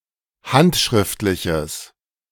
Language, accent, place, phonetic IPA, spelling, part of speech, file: German, Germany, Berlin, [ˈhantʃʁɪftlɪçəs], handschriftliches, adjective, De-handschriftliches.ogg
- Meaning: strong/mixed nominative/accusative neuter singular of handschriftlich